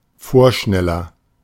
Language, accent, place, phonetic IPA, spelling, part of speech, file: German, Germany, Berlin, [ˈfoːɐ̯ˌʃnɛlɐ], vorschneller, adjective, De-vorschneller.ogg
- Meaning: 1. comparative degree of vorschnell 2. inflection of vorschnell: strong/mixed nominative masculine singular 3. inflection of vorschnell: strong genitive/dative feminine singular